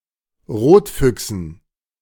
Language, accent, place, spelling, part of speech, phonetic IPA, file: German, Germany, Berlin, Rotfüchsen, noun, [ˈʁoːtˌfʏksn̩], De-Rotfüchsen.ogg
- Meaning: dative plural of Rotfuchs